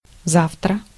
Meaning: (adverb) tomorrow
- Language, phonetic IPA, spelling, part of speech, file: Russian, [ˈzaftrə], завтра, adverb / noun, Ru-завтра.ogg